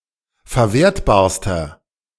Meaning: inflection of verwertbar: 1. strong/mixed nominative masculine singular superlative degree 2. strong genitive/dative feminine singular superlative degree 3. strong genitive plural superlative degree
- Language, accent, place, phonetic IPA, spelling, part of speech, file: German, Germany, Berlin, [fɛɐ̯ˈveːɐ̯tbaːɐ̯stɐ], verwertbarster, adjective, De-verwertbarster.ogg